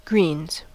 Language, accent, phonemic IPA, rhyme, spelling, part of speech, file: English, US, /ɡɹiːnz/, -iːnz, greens, noun / verb, En-us-greens.ogg
- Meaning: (noun) 1. Leaves and leaf-like parts of edible plants when eaten as vegetables or in salads 2. Green vegetables; edible plants or plant parts that contain chlorophyll